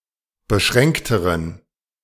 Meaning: inflection of beschränkt: 1. strong genitive masculine/neuter singular comparative degree 2. weak/mixed genitive/dative all-gender singular comparative degree
- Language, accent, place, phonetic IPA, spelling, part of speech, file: German, Germany, Berlin, [bəˈʃʁɛŋktəʁən], beschränkteren, adjective, De-beschränkteren.ogg